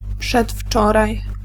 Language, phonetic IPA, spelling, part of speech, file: Polish, [pʃɛtˈft͡ʃɔraj], przedwczoraj, adverb, Pl-przedwczoraj.ogg